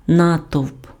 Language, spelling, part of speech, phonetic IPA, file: Ukrainian, натовп, noun, [ˈnatɔu̯p], Uk-натовп.ogg
- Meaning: crowd, throng